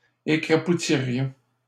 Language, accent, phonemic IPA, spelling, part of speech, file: French, Canada, /e.kʁa.pu.ti.ʁjɔ̃/, écrapoutirions, verb, LL-Q150 (fra)-écrapoutirions.wav
- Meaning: first-person plural conditional of écrapoutir